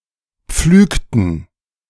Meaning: inflection of pflügen: 1. first/third-person plural preterite 2. first/third-person plural subjunctive II
- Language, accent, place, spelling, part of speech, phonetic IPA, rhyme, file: German, Germany, Berlin, pflügten, verb, [ˈp͡flyːktn̩], -yːktn̩, De-pflügten.ogg